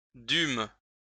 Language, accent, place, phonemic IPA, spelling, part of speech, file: French, France, Lyon, /dym/, dûmes, verb, LL-Q150 (fra)-dûmes.wav
- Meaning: first-person plural past historic of devoir